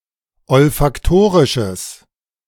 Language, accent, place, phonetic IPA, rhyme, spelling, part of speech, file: German, Germany, Berlin, [ɔlfakˈtoːʁɪʃəs], -oːʁɪʃəs, olfaktorisches, adjective, De-olfaktorisches.ogg
- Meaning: strong/mixed nominative/accusative neuter singular of olfaktorisch